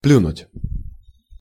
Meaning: 1. to spit 2. to spit upon, to not care for
- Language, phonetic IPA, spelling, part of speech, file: Russian, [ˈplʲunʊtʲ], плюнуть, verb, Ru-плюнуть.ogg